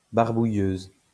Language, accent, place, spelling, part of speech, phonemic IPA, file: French, France, Lyon, barbouilleuse, noun, /baʁ.bu.jøz/, LL-Q150 (fra)-barbouilleuse.wav
- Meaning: female equivalent of barbouilleur